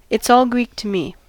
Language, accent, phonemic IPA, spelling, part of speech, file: English, US, /ɪts ˌɔːl ˈɡɹiːk tə ˌmiː/, it's all Greek to me, phrase, En-us-it's all Greek to me.ogg
- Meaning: I don't understand any of it; it makes no sense